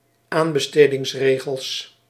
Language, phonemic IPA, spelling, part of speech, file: Dutch, /ˈambəstediŋsˌreɣəls/, aanbestedingsregels, noun, Nl-aanbestedingsregels.ogg
- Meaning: plural of aanbestedingsregel